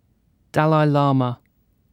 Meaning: The supreme head of Tibetan Buddhism, believed to be an incarnation of Avalokitesvara, and considered the spiritual leader of the Tibetan people
- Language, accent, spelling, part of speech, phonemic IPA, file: English, UK, Dalai Lama, noun, /ˈdælaɪ ˈlɑːmə/, En-uk-dalai lama.ogg